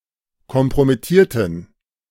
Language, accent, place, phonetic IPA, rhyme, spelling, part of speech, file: German, Germany, Berlin, [kɔmpʁomɪˈtiːɐ̯tn̩], -iːɐ̯tn̩, kompromittierten, adjective / verb, De-kompromittierten.ogg
- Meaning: inflection of kompromittieren: 1. first/third-person plural preterite 2. first/third-person plural subjunctive II